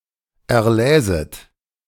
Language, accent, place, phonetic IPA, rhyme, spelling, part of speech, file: German, Germany, Berlin, [ɛɐ̯ˈlɛːzət], -ɛːzət, erläset, verb, De-erläset.ogg
- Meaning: second-person plural subjunctive II of erlesen